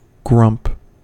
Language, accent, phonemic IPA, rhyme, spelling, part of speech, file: English, US, /ɡɹʌmp/, -ʌmp, grump, noun / verb, En-us-grump.ogg
- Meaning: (noun) 1. A habitually grumpy or complaining person 2. A grumpy mood; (verb) 1. To complain 2. To be grumpy